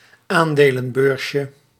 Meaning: diminutive of aandelenbeurs
- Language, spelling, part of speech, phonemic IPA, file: Dutch, aandelenbeursje, noun, /ˈandelə(n)ˌbørsjə/, Nl-aandelenbeursje.ogg